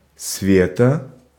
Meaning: a diminutive, Sveta, of the female given name Светла́на (Svetlána)
- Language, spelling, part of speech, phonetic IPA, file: Russian, Света, proper noun, [ˈsvʲetə], Ru-Света.ogg